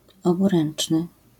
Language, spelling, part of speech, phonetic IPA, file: Polish, oburęczny, adjective, [ˌɔbuˈrɛ̃n͇t͡ʃnɨ], LL-Q809 (pol)-oburęczny.wav